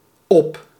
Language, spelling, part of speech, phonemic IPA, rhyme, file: Dutch, op, adverb / preposition / adjective, /ɔp/, -ɔp, Nl-op.ogg
- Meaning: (adverb) 1. up 2. onto, up onto 3. so as to finish or use up 4. Used in separable verbs meaning “to go away” with rude connotations; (preposition) on, upon; indicates physical location